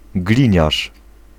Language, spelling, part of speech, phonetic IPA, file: Polish, gliniarz, noun, [ˈɡlʲĩɲaʃ], Pl-gliniarz.ogg